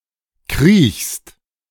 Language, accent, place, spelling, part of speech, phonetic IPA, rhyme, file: German, Germany, Berlin, kriechst, verb, [kʁiːçst], -iːçst, De-kriechst.ogg
- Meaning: second-person singular present of kriechen